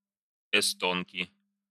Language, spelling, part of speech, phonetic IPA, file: Russian, эстонки, noun, [ɪˈstonkʲɪ], Ru-эстонки.ogg
- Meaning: inflection of эсто́нка (estónka): 1. genitive singular 2. nominative plural